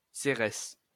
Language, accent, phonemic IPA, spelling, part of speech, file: French, France, /se.ʁɛs/, Cérès, proper noun, LL-Q150 (fra)-Cérès.wav
- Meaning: 1. Ceres (goddess) 2. Ceres (dwarf planet)